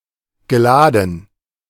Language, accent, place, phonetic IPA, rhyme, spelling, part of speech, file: German, Germany, Berlin, [ɡəˈlaːdn̩], -aːdn̩, geladen, adjective / verb, De-geladen.ogg
- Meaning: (verb) past participle of laden; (adjective) 1. charged, loaded, laden 2. angry